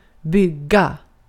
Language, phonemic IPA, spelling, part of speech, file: Swedish, /ˈbʏˌɡːa/, bygga, verb, Sv-bygga.ogg
- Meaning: 1. to build; to construct 2. to build (on), to be based (on), to rest (on) 3. to inhabit; to dwell; to settle (appears in some compounds in the form byggare)